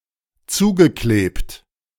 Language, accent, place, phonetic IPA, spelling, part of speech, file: German, Germany, Berlin, [ˈt͡suːɡəˌkleːpt], zugeklebt, verb, De-zugeklebt.ogg
- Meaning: past participle of zukleben